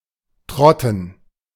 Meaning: to trot
- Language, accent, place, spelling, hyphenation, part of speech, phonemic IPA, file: German, Germany, Berlin, trotten, trot‧ten, verb, /ˈtrɔtən/, De-trotten.ogg